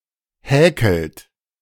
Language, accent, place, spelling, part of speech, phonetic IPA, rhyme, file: German, Germany, Berlin, häkelt, verb, [ˈhɛːkl̩t], -ɛːkl̩t, De-häkelt.ogg
- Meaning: inflection of häkeln: 1. third-person singular present 2. second-person plural present 3. plural imperative